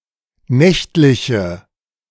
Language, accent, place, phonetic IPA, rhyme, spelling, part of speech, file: German, Germany, Berlin, [ˈnɛçtlɪçə], -ɛçtlɪçə, nächtliche, adjective, De-nächtliche.ogg
- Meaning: inflection of nächtlich: 1. strong/mixed nominative/accusative feminine singular 2. strong nominative/accusative plural 3. weak nominative all-gender singular